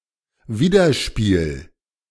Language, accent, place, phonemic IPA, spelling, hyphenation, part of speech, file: German, Germany, Berlin, /ˈviːdɐˌʃpiːl/, Widerspiel, Wi‧der‧spiel, noun, De-Widerspiel.ogg
- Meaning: 1. interplay 2. opposite